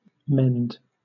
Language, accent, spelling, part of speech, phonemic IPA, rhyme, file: English, Southern England, mend, verb / noun, /mɛnd/, -ɛnd, LL-Q1860 (eng)-mend.wav
- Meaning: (verb) 1. To physically repair (something that is broken, defaced, decayed, torn, or otherwise damaged) 2. To add fuel to (a fire)